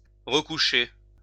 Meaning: to go back to bed
- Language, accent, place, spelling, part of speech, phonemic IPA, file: French, France, Lyon, recoucher, verb, /ʁə.ku.ʃe/, LL-Q150 (fra)-recoucher.wav